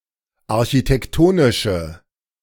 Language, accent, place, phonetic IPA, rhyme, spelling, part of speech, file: German, Germany, Berlin, [aʁçitɛkˈtoːnɪʃə], -oːnɪʃə, architektonische, adjective, De-architektonische.ogg
- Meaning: inflection of architektonisch: 1. strong/mixed nominative/accusative feminine singular 2. strong nominative/accusative plural 3. weak nominative all-gender singular